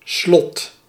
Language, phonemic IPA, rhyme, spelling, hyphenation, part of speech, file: Dutch, /slɔt/, -ɔt, slot, slot, noun, Nl-slot.ogg
- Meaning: 1. lock (something used for fastening) 2. castle 3. end, conclusion, final